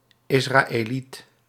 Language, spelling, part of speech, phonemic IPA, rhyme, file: Dutch, Israëliet, noun, /ˌɪs.raː.eːˈlit/, -it, Nl-Israëliet.ogg
- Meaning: 1. an Israelite, a member of ancient Israel 2. an Israeli